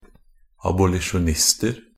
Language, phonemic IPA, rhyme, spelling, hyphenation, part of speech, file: Norwegian Bokmål, /abʊlɪʃʊnˈɪstər/, -ər, abolisjonister, ab‧o‧li‧sjon‧ist‧er, noun, NB - Pronunciation of Norwegian Bokmål «abolisjonister».ogg
- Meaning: indefinite plural of abolisjonist